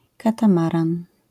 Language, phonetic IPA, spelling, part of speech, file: Polish, [ˌkatãˈmarãn], katamaran, noun, LL-Q809 (pol)-katamaran.wav